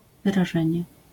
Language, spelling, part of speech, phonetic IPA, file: Polish, wyrażenie, noun, [ˌvɨraˈʒɛ̃ɲɛ], LL-Q809 (pol)-wyrażenie.wav